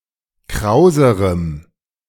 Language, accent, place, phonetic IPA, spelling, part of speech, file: German, Germany, Berlin, [ˈkʁaʊ̯zəʁəm], krauserem, adjective, De-krauserem.ogg
- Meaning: strong dative masculine/neuter singular comparative degree of kraus